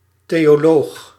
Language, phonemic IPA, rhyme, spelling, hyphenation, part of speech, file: Dutch, /ˌteː.oːˈloːx/, -oːx, theoloog, theo‧loog, noun, Nl-theoloog.ogg
- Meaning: theologian